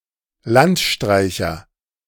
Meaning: vagrant, vagabond, tramp, hobo
- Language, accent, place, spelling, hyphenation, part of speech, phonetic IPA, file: German, Germany, Berlin, Landstreicher, Land‧strei‧cher, noun, [ˈlantˌʃtʁaɪ̯çɐ], De-Landstreicher.ogg